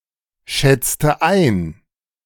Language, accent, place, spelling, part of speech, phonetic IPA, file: German, Germany, Berlin, schätzte ein, verb, [ˌʃɛt͡stə ˈaɪ̯n], De-schätzte ein.ogg
- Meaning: inflection of einschätzen: 1. first/third-person singular preterite 2. first/third-person singular subjunctive II